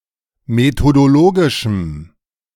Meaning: strong dative masculine/neuter singular of methodologisch
- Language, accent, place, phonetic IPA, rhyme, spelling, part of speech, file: German, Germany, Berlin, [metodoˈloːɡɪʃm̩], -oːɡɪʃm̩, methodologischem, adjective, De-methodologischem.ogg